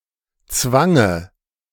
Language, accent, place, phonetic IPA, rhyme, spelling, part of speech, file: German, Germany, Berlin, [ˈt͡svaŋə], -aŋə, Zwange, noun, De-Zwange.ogg
- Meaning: dative of Zwang